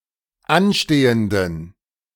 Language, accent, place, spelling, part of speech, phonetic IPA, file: German, Germany, Berlin, anstehenden, adjective, [ˈanˌʃteːəndn̩], De-anstehenden.ogg
- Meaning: inflection of anstehend: 1. strong genitive masculine/neuter singular 2. weak/mixed genitive/dative all-gender singular 3. strong/weak/mixed accusative masculine singular 4. strong dative plural